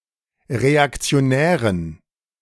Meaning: inflection of reaktionär: 1. strong genitive masculine/neuter singular 2. weak/mixed genitive/dative all-gender singular 3. strong/weak/mixed accusative masculine singular 4. strong dative plural
- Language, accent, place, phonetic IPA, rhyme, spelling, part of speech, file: German, Germany, Berlin, [ʁeakt͡si̯oˈnɛːʁən], -ɛːʁən, reaktionären, adjective, De-reaktionären.ogg